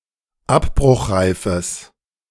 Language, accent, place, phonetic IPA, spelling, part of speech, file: German, Germany, Berlin, [ˈapbʁʊxˌʁaɪ̯fəs], abbruchreifes, adjective, De-abbruchreifes.ogg
- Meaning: strong/mixed nominative/accusative neuter singular of abbruchreif